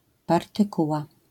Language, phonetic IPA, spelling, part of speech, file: Polish, [ˌpartɨˈkuwa], partykuła, noun, LL-Q809 (pol)-partykuła.wav